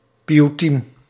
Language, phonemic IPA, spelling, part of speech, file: Dutch, /pijuˈtim/, pioetiem, noun, Nl-pioetiem.ogg
- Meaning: plural of pioet